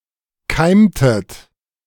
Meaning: inflection of keimen: 1. second-person plural preterite 2. second-person plural subjunctive II
- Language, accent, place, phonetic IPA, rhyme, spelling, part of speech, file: German, Germany, Berlin, [ˈkaɪ̯mtət], -aɪ̯mtət, keimtet, verb, De-keimtet.ogg